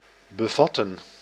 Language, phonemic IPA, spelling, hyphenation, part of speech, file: Dutch, /bəˈvɑtə(n)/, bevatten, be‧vat‧ten, verb, Nl-bevatten.ogg
- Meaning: 1. to contain 2. to comprehend